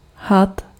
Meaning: snake
- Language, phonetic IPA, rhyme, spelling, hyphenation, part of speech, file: Czech, [ˈɦat], -at, had, had, noun, Cs-had.ogg